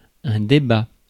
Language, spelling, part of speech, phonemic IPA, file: French, débat, noun / verb, /de.ba/, Fr-débat.ogg
- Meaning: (noun) debate; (verb) third-person singular present indicative of débattre